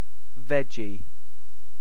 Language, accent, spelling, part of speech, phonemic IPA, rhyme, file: English, UK, veggie, noun / adjective, /ˈvɛd͡ʒi/, -ɛdʒi, En-uk-veggie.ogg
- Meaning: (noun) 1. A vegetable 2. A vegetarian; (adjective) 1. Vegetarian; not eating meat; suitable for vegetarians; without meat 2. Vegetable-like, vegetal